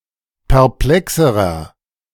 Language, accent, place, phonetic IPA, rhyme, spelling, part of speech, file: German, Germany, Berlin, [pɛʁˈplɛksəʁɐ], -ɛksəʁɐ, perplexerer, adjective, De-perplexerer.ogg
- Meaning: inflection of perplex: 1. strong/mixed nominative masculine singular comparative degree 2. strong genitive/dative feminine singular comparative degree 3. strong genitive plural comparative degree